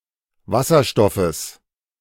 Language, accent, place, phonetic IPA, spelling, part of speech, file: German, Germany, Berlin, [ˈvasɐˌʃtɔfəs], Wasserstoffes, noun, De-Wasserstoffes.ogg
- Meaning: genitive singular of Wasserstoff